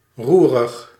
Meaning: restless
- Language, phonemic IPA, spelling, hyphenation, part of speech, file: Dutch, /ˈru.rəx/, roerig, roe‧rig, adjective, Nl-roerig.ogg